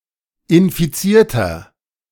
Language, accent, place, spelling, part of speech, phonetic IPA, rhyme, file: German, Germany, Berlin, infizierter, adjective, [ɪnfiˈt͡siːɐ̯tɐ], -iːɐ̯tɐ, De-infizierter.ogg
- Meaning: inflection of infiziert: 1. strong/mixed nominative masculine singular 2. strong genitive/dative feminine singular 3. strong genitive plural